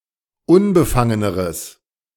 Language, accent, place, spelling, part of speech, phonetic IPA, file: German, Germany, Berlin, unbefangeneres, adjective, [ˈʊnbəˌfaŋənəʁəs], De-unbefangeneres.ogg
- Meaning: strong/mixed nominative/accusative neuter singular comparative degree of unbefangen